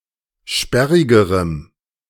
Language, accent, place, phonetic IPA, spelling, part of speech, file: German, Germany, Berlin, [ˈʃpɛʁɪɡəʁəm], sperrigerem, adjective, De-sperrigerem.ogg
- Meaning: strong dative masculine/neuter singular comparative degree of sperrig